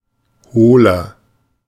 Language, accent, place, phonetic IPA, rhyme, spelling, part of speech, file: German, Germany, Berlin, [ˈhoːlɐ], -oːlɐ, hohler, adjective, De-hohler.ogg
- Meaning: 1. comparative degree of hohl 2. inflection of hohl: strong/mixed nominative masculine singular 3. inflection of hohl: strong genitive/dative feminine singular